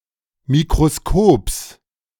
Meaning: genitive singular of Mikroskop
- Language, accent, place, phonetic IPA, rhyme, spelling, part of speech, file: German, Germany, Berlin, [mikʁoˈskoːps], -oːps, Mikroskops, noun, De-Mikroskops.ogg